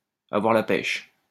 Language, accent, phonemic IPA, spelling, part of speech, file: French, France, /a.vwaʁ la pɛʃ/, avoir la pêche, verb, LL-Q150 (fra)-avoir la pêche.wav
- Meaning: 1. to feel great, to be in great form, to be full of beans 2. to have the sole fishing rights in a certain place